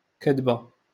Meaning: lie (untruth)
- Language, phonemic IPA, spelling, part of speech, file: Moroccan Arabic, /kad.ba/, كدبة, noun, LL-Q56426 (ary)-كدبة.wav